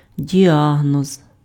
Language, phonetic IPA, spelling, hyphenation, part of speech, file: Ukrainian, [dʲiˈaɦnɔz], діагноз, ді‧а‧гноз, noun, Uk-діагноз.ogg
- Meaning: diagnosis